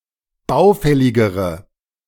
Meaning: inflection of baufällig: 1. strong/mixed nominative/accusative feminine singular comparative degree 2. strong nominative/accusative plural comparative degree
- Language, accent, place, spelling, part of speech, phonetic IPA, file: German, Germany, Berlin, baufälligere, adjective, [ˈbaʊ̯ˌfɛlɪɡəʁə], De-baufälligere.ogg